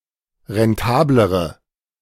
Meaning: inflection of rentabel: 1. strong/mixed nominative/accusative feminine singular comparative degree 2. strong nominative/accusative plural comparative degree
- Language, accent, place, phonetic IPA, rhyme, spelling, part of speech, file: German, Germany, Berlin, [ʁɛnˈtaːbləʁə], -aːbləʁə, rentablere, adjective, De-rentablere.ogg